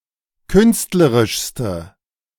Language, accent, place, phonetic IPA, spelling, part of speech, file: German, Germany, Berlin, [ˈkʏnstləʁɪʃstə], künstlerischste, adjective, De-künstlerischste.ogg
- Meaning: inflection of künstlerisch: 1. strong/mixed nominative/accusative feminine singular superlative degree 2. strong nominative/accusative plural superlative degree